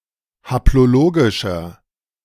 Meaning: inflection of haplologisch: 1. strong/mixed nominative masculine singular 2. strong genitive/dative feminine singular 3. strong genitive plural
- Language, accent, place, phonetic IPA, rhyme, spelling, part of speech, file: German, Germany, Berlin, [haploˈloːɡɪʃɐ], -oːɡɪʃɐ, haplologischer, adjective, De-haplologischer.ogg